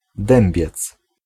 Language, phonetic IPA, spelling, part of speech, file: Polish, [ˈdɛ̃mbʲjɛt͡s], Dębiec, proper noun, Pl-Dębiec.ogg